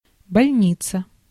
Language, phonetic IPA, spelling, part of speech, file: Russian, [bɐlʲˈnʲit͡sə], больница, noun, Ru-больница.ogg
- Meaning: hospital